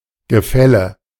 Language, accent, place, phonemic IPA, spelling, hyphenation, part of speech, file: German, Germany, Berlin, /ɡəˈfɛlə/, Gefälle, Ge‧fäl‧le, noun, De-Gefälle.ogg
- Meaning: 1. downwards slope, precipice 2. gradient; gap 3. levy by public authority 4. a happening of things falling 5. legal consequences of inheritance